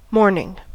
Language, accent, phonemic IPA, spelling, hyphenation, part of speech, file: English, US, /ˈmoɹnɪŋ/, morning, morn‧ing, noun / interjection, En-us-morning.ogg
- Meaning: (noun) 1. The early part of the day, especially from midnight to noon 2. The early part of anything 3. That part of the day from dawn until the main meal (typically in late afternoon)